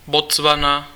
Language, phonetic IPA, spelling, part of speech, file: Czech, [ˈbot͡svana], Botswana, proper noun, Cs-Botswana.ogg
- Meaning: Botswana (a country in Southern Africa)